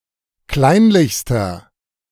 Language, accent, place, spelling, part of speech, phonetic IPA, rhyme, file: German, Germany, Berlin, kleinlichster, adjective, [ˈklaɪ̯nlɪçstɐ], -aɪ̯nlɪçstɐ, De-kleinlichster.ogg
- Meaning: inflection of kleinlich: 1. strong/mixed nominative masculine singular superlative degree 2. strong genitive/dative feminine singular superlative degree 3. strong genitive plural superlative degree